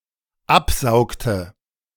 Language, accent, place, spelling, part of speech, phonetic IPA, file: German, Germany, Berlin, absaugte, verb, [ˈapˌzaʊ̯ktə], De-absaugte.ogg
- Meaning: inflection of absaugen: 1. first/third-person singular dependent preterite 2. first/third-person singular dependent subjunctive II